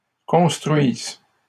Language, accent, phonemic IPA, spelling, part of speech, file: French, Canada, /kɔ̃s.tʁɥiz/, construisent, verb, LL-Q150 (fra)-construisent.wav
- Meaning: third-person plural present indicative/subjunctive of construire